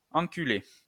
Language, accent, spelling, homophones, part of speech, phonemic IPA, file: French, France, enculer, enculé / enculai, verb, /ɑ̃.ky.le/, LL-Q150 (fra)-enculer.wav
- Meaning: 1. to bugger, to sodomize (have anal sex) 2. to fuck (have sex) 3. to fuck, to con (defraud) 4. to beat up